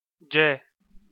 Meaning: the name of the Armenian letter ջ (ǰ)
- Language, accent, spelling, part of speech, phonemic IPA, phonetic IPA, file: Armenian, Eastern Armenian, ջե, noun, /d͡ʒe/, [d͡ʒe], Hy-EA-ջե.ogg